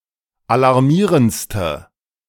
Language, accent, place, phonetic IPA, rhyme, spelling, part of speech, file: German, Germany, Berlin, [alaʁˈmiːʁənt͡stə], -iːʁənt͡stə, alarmierendste, adjective, De-alarmierendste.ogg
- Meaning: inflection of alarmierend: 1. strong/mixed nominative/accusative feminine singular superlative degree 2. strong nominative/accusative plural superlative degree